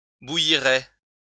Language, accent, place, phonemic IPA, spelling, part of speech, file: French, France, Lyon, /bu.ji.ʁɛ/, bouillirais, verb, LL-Q150 (fra)-bouillirais.wav
- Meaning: first/second-person singular conditional of bouillir